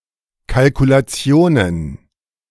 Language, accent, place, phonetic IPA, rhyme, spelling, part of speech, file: German, Germany, Berlin, [kalkulaˈt͡si̯oːnən], -oːnən, Kalkulationen, noun, De-Kalkulationen.ogg
- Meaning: plural of Kalkulation